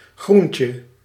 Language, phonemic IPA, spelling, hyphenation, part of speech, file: Dutch, /ˈɣrun.tjə/, groentje, groen‧tje, noun, Nl-groentje.ogg
- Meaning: 1. a novice or rookie, someone inexperienced 2. diminutive of groen 3. diminutive of groente